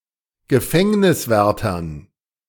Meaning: dative plural of Gefängniswärter
- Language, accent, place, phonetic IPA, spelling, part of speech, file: German, Germany, Berlin, [ɡəˈfɛŋnɪsˌvɛʁtɐn], Gefängniswärtern, noun, De-Gefängniswärtern.ogg